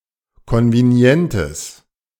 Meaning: strong/mixed nominative/accusative neuter singular of konvenient
- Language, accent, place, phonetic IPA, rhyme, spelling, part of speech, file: German, Germany, Berlin, [ˌkɔnveˈni̯ɛntəs], -ɛntəs, konvenientes, adjective, De-konvenientes.ogg